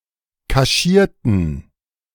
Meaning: inflection of kaschieren: 1. first/third-person plural preterite 2. first/third-person plural subjunctive II
- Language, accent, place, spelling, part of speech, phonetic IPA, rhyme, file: German, Germany, Berlin, kaschierten, adjective / verb, [kaˈʃiːɐ̯tn̩], -iːɐ̯tn̩, De-kaschierten.ogg